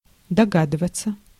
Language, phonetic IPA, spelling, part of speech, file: Russian, [dɐˈɡadɨvət͡sə], догадываться, verb, Ru-догадываться.ogg
- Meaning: 1. to guess (to reach an unqualified conclusion) 2. to surmise, to suspect, to conjecture